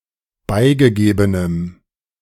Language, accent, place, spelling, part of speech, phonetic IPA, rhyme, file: German, Germany, Berlin, beigegebenem, adjective, [ˈbaɪ̯ɡəˌɡeːbənəm], -aɪ̯ɡəɡeːbənəm, De-beigegebenem.ogg
- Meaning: strong dative masculine/neuter singular of beigegeben